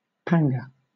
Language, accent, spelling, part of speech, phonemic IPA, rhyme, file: English, Southern England, panga, noun, /ˈpaŋɡə/, -aŋɡə, LL-Q1860 (eng)-panga.wav
- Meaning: A large broad-bladed knife